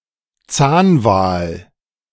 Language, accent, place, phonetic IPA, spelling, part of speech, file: German, Germany, Berlin, [ˈt͡saːnˌvaːl], Zahnwal, noun, De-Zahnwal.ogg
- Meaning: toothed whale, a member of the Odontoceti suborder